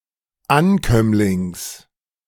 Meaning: genitive of Ankömmling
- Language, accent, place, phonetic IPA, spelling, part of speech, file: German, Germany, Berlin, [ˈanˌkœmlɪŋs], Ankömmlings, noun, De-Ankömmlings.ogg